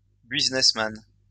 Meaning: businessman
- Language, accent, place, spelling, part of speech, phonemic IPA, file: French, France, Lyon, businessman, noun, /biz.nɛs.man/, LL-Q150 (fra)-businessman.wav